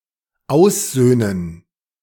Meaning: to reconcile
- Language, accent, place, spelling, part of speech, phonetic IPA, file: German, Germany, Berlin, aussöhnen, verb, [ˈaʊ̯sˌz̥øːnən], De-aussöhnen.ogg